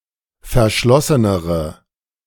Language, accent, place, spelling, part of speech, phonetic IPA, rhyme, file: German, Germany, Berlin, verschlossenere, adjective, [fɛɐ̯ˈʃlɔsənəʁə], -ɔsənəʁə, De-verschlossenere.ogg
- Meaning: inflection of verschlossen: 1. strong/mixed nominative/accusative feminine singular comparative degree 2. strong nominative/accusative plural comparative degree